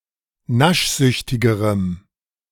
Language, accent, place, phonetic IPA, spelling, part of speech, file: German, Germany, Berlin, [ˈnaʃˌzʏçtɪɡəʁəm], naschsüchtigerem, adjective, De-naschsüchtigerem.ogg
- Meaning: strong dative masculine/neuter singular comparative degree of naschsüchtig